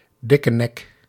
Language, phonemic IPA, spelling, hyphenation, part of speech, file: Dutch, /di.kə.nɛk/, dikkenek, dik‧ke‧nek, noun, Nl-dikkenek.ogg
- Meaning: arrogant, haughty, supercilious person, a braggard